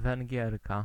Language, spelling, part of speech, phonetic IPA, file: Polish, Węgierka, noun, [vɛ̃ŋʲˈɟɛrka], Pl-Węgierka.ogg